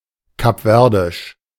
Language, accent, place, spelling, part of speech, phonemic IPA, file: German, Germany, Berlin, kapverdisch, adjective, /kapˈvɛʁdɪʃ/, De-kapverdisch.ogg
- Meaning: of Cape Verde; Cape Verdean